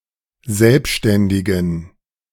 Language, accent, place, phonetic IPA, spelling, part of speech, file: German, Germany, Berlin, [ˈzɛlpʃtɛndɪɡn̩], selbständigen, adjective, De-selbständigen.ogg
- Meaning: inflection of selbständig: 1. strong genitive masculine/neuter singular 2. weak/mixed genitive/dative all-gender singular 3. strong/weak/mixed accusative masculine singular 4. strong dative plural